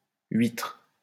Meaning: post-1990 spelling of huître
- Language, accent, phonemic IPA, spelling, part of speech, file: French, France, /ɥitʁ/, huitre, noun, LL-Q150 (fra)-huitre.wav